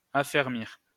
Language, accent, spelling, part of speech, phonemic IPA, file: French, France, affermir, verb, /a.fɛʁ.miʁ/, LL-Q150 (fra)-affermir.wav
- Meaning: 1. to firm up 2. to strengthen 3. to make firmer 4. to become firmer, sharper or stronger